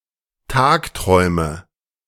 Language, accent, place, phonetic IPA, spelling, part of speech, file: German, Germany, Berlin, [ˈtaːkˌtʁɔɪ̯mə], Tagträume, noun, De-Tagträume.ogg
- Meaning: nominative/accusative/genitive plural of Tagtraum